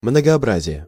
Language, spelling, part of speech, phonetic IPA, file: Russian, многообразие, noun, [mnəɡɐɐˈbrazʲɪje], Ru-многообразие.ogg
- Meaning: 1. variety; diversity; multiformity 2. manifold